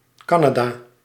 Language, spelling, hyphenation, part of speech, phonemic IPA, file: Dutch, Canada, Ca‧na‧da, proper noun, /ˈkɑ.naːˌdaː/, Nl-Canada.ogg
- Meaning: 1. Canada (a country in North America) 2. a hamlet in Ooststellingwerf, Friesland, Netherlands